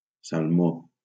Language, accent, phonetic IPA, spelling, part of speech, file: Catalan, Valencia, [salˈmo], salmó, noun / adjective, LL-Q7026 (cat)-salmó.wav
- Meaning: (noun) salmon (fish, color); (adjective) salmon (having a yellowish pink color)